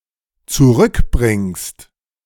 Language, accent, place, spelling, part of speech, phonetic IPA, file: German, Germany, Berlin, zurückbringst, verb, [t͡suˈʁʏkˌbʁɪŋst], De-zurückbringst.ogg
- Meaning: second-person singular dependent present of zurückbringen